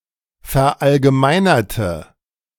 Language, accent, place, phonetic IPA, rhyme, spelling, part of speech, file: German, Germany, Berlin, [fɛɐ̯ʔalɡəˈmaɪ̯nɐtə], -aɪ̯nɐtə, verallgemeinerte, adjective / verb, De-verallgemeinerte.ogg
- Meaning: inflection of verallgemeinern: 1. first/third-person singular preterite 2. first/third-person singular subjunctive II